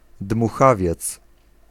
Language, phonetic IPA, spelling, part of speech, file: Polish, [dmuˈxavʲjɛt͡s], dmuchawiec, noun, Pl-dmuchawiec.ogg